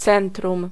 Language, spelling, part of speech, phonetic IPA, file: Polish, centrum, noun, [ˈt͡sɛ̃ntrũm], Pl-centrum.ogg